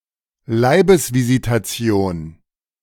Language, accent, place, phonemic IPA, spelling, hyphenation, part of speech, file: German, Germany, Berlin, /ˈlaɪ̯bəsvizitaˌt͡si̯oːn/, Leibesvisitation, Lei‧bes‧vi‧si‧ta‧ti‧on, noun, De-Leibesvisitation.ogg
- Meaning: body cavity search